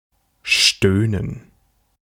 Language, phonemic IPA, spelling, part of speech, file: German, /ˈʃtøːnən/, stöhnen, verb, De-stöhnen.ogg
- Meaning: 1. to moan, to groan, to grunt (to vocalize in a low, unarticulated manner, typically as an extension of exhaling) 2. to moan, to groan (to say in a manner involving moaning or reminiscent thereof)